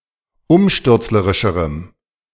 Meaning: strong dative masculine/neuter singular comparative degree of umstürzlerisch
- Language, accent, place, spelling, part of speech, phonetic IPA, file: German, Germany, Berlin, umstürzlerischerem, adjective, [ˈʊmʃtʏʁt͡sləʁɪʃəʁəm], De-umstürzlerischerem.ogg